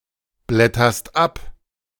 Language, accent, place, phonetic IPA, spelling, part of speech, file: German, Germany, Berlin, [ˌblɛtɐst ˈap], blätterst ab, verb, De-blätterst ab.ogg
- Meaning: second-person singular present of abblättern